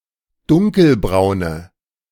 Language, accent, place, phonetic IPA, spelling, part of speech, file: German, Germany, Berlin, [ˈdʊŋkəlˌbʁaʊ̯nə], dunkelbraune, adjective, De-dunkelbraune.ogg
- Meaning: inflection of dunkelbraun: 1. strong/mixed nominative/accusative feminine singular 2. strong nominative/accusative plural 3. weak nominative all-gender singular